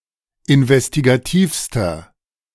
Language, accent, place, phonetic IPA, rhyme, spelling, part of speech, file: German, Germany, Berlin, [ɪnvɛstiɡaˈtiːfstɐ], -iːfstɐ, investigativster, adjective, De-investigativster.ogg
- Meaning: inflection of investigativ: 1. strong/mixed nominative masculine singular superlative degree 2. strong genitive/dative feminine singular superlative degree 3. strong genitive plural superlative degree